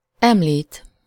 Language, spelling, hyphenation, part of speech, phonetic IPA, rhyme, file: Hungarian, említ, em‧lít, verb, [ˈɛmliːt], -iːt, Hu-említ.ogg
- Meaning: to mention